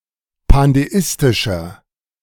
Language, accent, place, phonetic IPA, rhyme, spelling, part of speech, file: German, Germany, Berlin, [pandeˈɪstɪʃɐ], -ɪstɪʃɐ, pandeistischer, adjective, De-pandeistischer.ogg
- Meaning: inflection of pandeistisch: 1. strong/mixed nominative masculine singular 2. strong genitive/dative feminine singular 3. strong genitive plural